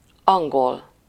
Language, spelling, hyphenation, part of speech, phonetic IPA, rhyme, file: Hungarian, angol, an‧gol, adjective / noun, [ˈɒŋɡol], -ol, Hu-angol.ogg
- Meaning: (adjective) 1. English (of or relating to England or its people) 2. English (English-language; of or pertaining to the language, descended from Anglo-Saxon, which developed in England)